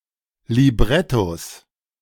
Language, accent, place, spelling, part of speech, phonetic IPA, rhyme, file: German, Germany, Berlin, Librettos, noun, [liˈbʁɛtos], -ɛtos, De-Librettos.ogg
- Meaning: 1. plural of Libretto 2. genitive singular of Libretto